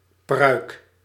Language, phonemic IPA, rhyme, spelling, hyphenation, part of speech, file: Dutch, /prœy̯k/, -œy̯k, pruik, pruik, noun, Nl-pruik.ogg
- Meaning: wig, peruke